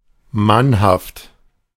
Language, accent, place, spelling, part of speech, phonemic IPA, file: German, Germany, Berlin, mannhaft, adjective, /ˈmanhaft/, De-mannhaft.ogg
- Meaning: 1. manly 2. brave, bold